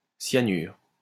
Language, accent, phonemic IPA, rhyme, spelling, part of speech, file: French, France, /sja.nyʁ/, -yʁ, cyanure, noun, LL-Q150 (fra)-cyanure.wav
- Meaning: cyanide